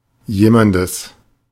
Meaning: genitive of jemand
- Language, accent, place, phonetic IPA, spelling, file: German, Germany, Berlin, [ˈjeːmandəs], jemandes, De-jemandes.ogg